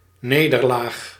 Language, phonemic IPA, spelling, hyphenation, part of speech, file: Dutch, /ˈneːdərˌlaːx/, nederlaag, ne‧der‧laag, noun, Nl-nederlaag.ogg
- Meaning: defeat